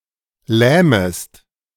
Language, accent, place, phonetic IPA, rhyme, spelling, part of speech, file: German, Germany, Berlin, [ˈlɛːməst], -ɛːməst, lähmest, verb, De-lähmest.ogg
- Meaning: second-person singular subjunctive I of lähmen